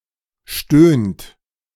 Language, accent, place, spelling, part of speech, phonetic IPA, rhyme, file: German, Germany, Berlin, stöhnt, verb, [ʃtøːnt], -øːnt, De-stöhnt.ogg
- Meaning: inflection of stöhnen: 1. third-person singular present 2. second-person plural present 3. plural imperative